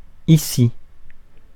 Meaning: here
- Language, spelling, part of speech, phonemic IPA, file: French, ici, adverb, /i.si/, Fr-ici.ogg